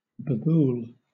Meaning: A tree native to South Asia, Vachellia nilotica subsp. indica, formerly Acacia nilotica subsp. indica
- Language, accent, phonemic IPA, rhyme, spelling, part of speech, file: English, Southern England, /bəˈbuːl/, -uːl, babul, noun, LL-Q1860 (eng)-babul.wav